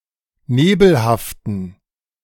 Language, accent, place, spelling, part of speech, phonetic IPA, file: German, Germany, Berlin, nebelhaften, adjective, [ˈneːbl̩haftn̩], De-nebelhaften.ogg
- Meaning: inflection of nebelhaft: 1. strong genitive masculine/neuter singular 2. weak/mixed genitive/dative all-gender singular 3. strong/weak/mixed accusative masculine singular 4. strong dative plural